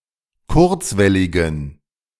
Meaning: inflection of kurzwellig: 1. strong genitive masculine/neuter singular 2. weak/mixed genitive/dative all-gender singular 3. strong/weak/mixed accusative masculine singular 4. strong dative plural
- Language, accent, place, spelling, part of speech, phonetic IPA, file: German, Germany, Berlin, kurzwelligen, adjective, [ˈkʊʁt͡svɛlɪɡn̩], De-kurzwelligen.ogg